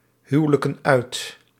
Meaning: inflection of uithuwelijken: 1. plural present indicative 2. plural present subjunctive
- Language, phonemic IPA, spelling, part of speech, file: Dutch, /ˈhywᵊləkə(n) ˈœyt/, huwelijken uit, verb, Nl-huwelijken uit.ogg